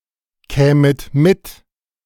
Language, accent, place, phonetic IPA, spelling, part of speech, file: German, Germany, Berlin, [ˌkɛːmət ˈmɪt], kämet mit, verb, De-kämet mit.ogg
- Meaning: second-person plural subjunctive II of mitkommen